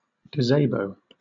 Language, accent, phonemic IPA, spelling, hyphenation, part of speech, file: English, Southern England, /ɡəˈzeɪbəʊ/, gazabo, ga‧za‧bo, noun, LL-Q1860 (eng)-gazabo.wav
- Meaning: guy, fellow